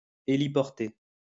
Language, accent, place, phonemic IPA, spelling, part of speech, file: French, France, Lyon, /e.li.pɔʁ.te/, héliporter, verb, LL-Q150 (fra)-héliporter.wav
- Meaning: to helicopter (transport something by helicopter)